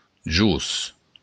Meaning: below
- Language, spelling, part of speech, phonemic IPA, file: Occitan, jos, preposition, /d͡ʒus/, LL-Q942602-jos.wav